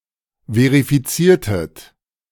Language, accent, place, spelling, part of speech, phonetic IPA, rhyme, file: German, Germany, Berlin, verifiziertet, verb, [ˌveʁifiˈt͡siːɐ̯tət], -iːɐ̯tət, De-verifiziertet.ogg
- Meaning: inflection of verifizieren: 1. second-person plural preterite 2. second-person plural subjunctive II